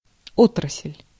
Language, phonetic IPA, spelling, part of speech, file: Russian, [ˈotrəs⁽ʲ⁾lʲ], отрасль, noun, Ru-отрасль.ogg
- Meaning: branch, field (area in business or of knowledge, research)